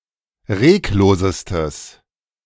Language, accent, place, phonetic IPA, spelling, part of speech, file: German, Germany, Berlin, [ˈʁeːkˌloːzəstəs], reglosestes, adjective, De-reglosestes.ogg
- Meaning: strong/mixed nominative/accusative neuter singular superlative degree of reglos